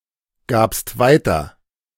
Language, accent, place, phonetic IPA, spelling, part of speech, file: German, Germany, Berlin, [ˌɡaːpst ˈvaɪ̯tɐ], gabst weiter, verb, De-gabst weiter.ogg
- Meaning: second-person singular preterite of weitergeben